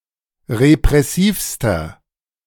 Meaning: inflection of repressiv: 1. strong/mixed nominative masculine singular superlative degree 2. strong genitive/dative feminine singular superlative degree 3. strong genitive plural superlative degree
- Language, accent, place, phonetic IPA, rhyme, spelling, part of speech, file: German, Germany, Berlin, [ʁepʁɛˈsiːfstɐ], -iːfstɐ, repressivster, adjective, De-repressivster.ogg